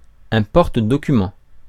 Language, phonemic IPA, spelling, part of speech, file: French, /pɔʁ.t(ə).dɔ.ky.mɑ̃/, porte-documents, noun, Fr-porte-documents.ogg
- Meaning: briefcase